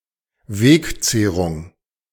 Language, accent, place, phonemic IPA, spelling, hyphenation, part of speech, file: German, Germany, Berlin, /ˈveːkˌt͡seːʁuŋ/, Wegzehrung, Weg‧zeh‧rung, noun, De-Wegzehrung.ogg
- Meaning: provisions for the road